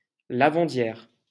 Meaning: washerwoman
- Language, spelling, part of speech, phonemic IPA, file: French, lavandière, noun, /la.vɑ̃.djɛʁ/, LL-Q150 (fra)-lavandière.wav